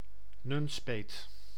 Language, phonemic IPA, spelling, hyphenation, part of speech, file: Dutch, /ˈnʏn.speːt/, Nunspeet, Nun‧speet, proper noun, Nl-Nunspeet.ogg
- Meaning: Nunspeet (a village and municipality of Gelderland, Netherlands)